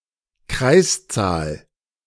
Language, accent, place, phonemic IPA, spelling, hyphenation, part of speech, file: German, Germany, Berlin, /ˈkraɪ̯sˌtsaːl/, Kreiszahl, Kreis‧zahl, noun, De-Kreiszahl.ogg
- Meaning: the number π (a transcendental number representing the ratio of a circle's circumference to its diameter in Euclidean geometry; approximately 3.14159...)